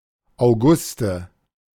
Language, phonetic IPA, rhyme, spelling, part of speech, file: German, [aʊ̯ˈɡʊstə], -ʊstə, Auguste, noun, De-Auguste.oga
- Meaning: a female given name, equivalent to English Augusta